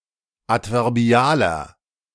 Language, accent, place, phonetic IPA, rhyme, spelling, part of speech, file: German, Germany, Berlin, [ˌatvɛʁˈbi̯aːlɐ], -aːlɐ, adverbialer, adjective, De-adverbialer.ogg
- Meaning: inflection of adverbial: 1. strong/mixed nominative masculine singular 2. strong genitive/dative feminine singular 3. strong genitive plural